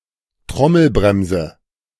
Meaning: drum brake
- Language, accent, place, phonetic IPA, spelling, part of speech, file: German, Germany, Berlin, [ˈtʁɔml̩ˌbʁɛmzə], Trommelbremse, noun, De-Trommelbremse.ogg